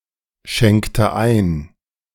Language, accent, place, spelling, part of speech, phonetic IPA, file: German, Germany, Berlin, schenkte ein, verb, [ˌʃɛŋktə ˈaɪ̯n], De-schenkte ein.ogg
- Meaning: inflection of einschenken: 1. first/third-person singular preterite 2. first/third-person singular subjunctive II